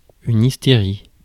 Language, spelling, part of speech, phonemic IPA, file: French, hystérie, noun, /is.te.ʁi/, Fr-hystérie.ogg
- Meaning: hysteria